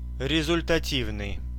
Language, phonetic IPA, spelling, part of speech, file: Russian, [rʲɪzʊlʲtɐˈtʲivnɨj], результативный, adjective, Ru-результативный.ogg
- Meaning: effective, efficacious